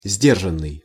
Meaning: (verb) past passive perfective participle of сдержа́ть (sderžátʹ); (adjective) restrained, reserved (held back, limited, kept in check or under control)
- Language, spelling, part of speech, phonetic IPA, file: Russian, сдержанный, verb / adjective, [ˈzʲdʲerʐən(ː)ɨj], Ru-сдержанный.ogg